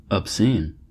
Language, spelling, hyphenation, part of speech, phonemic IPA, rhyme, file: English, obscene, ob‧scene, adjective / verb, /əbˈsin/, -iːn, En-us-obscene.ogg
- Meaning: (adjective) 1. Offensive to standards of decency or morality 2. Lewd or lustful 3. Disgusting or repulsive 4. Beyond all reason; excessive 5. Liable to corrupt or deprave